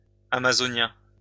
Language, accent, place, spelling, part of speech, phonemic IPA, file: French, France, Lyon, amazonien, adjective, /a.ma.zɔ.njɛ̃/, LL-Q150 (fra)-amazonien.wav
- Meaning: Amazon